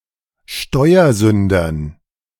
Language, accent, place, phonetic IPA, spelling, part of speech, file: German, Germany, Berlin, [ˈʃtɔɪ̯ɐˌzʏndɐn], Steuersündern, noun, De-Steuersündern.ogg
- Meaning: dative plural of Steuersünder